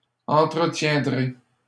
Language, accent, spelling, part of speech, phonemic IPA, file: French, Canada, entretiendrai, verb, /ɑ̃.tʁə.tjɛ̃.dʁe/, LL-Q150 (fra)-entretiendrai.wav
- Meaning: first-person singular simple future of entretenir